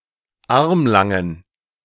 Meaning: inflection of armlang: 1. strong genitive masculine/neuter singular 2. weak/mixed genitive/dative all-gender singular 3. strong/weak/mixed accusative masculine singular 4. strong dative plural
- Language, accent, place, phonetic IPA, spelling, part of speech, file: German, Germany, Berlin, [ˈaʁmlaŋən], armlangen, adjective, De-armlangen.ogg